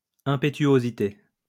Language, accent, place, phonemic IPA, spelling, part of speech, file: French, France, Lyon, /ɛ̃.pe.tɥo.zi.te/, impétuosité, noun, LL-Q150 (fra)-impétuosité.wav
- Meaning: impetuosity, impetuousness, impulsiveness